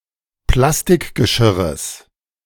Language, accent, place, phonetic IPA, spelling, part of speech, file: German, Germany, Berlin, [ˈplastɪkɡəˌʃɪʁəs], Plastikgeschirres, noun, De-Plastikgeschirres.ogg
- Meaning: genitive singular of Plastikgeschirr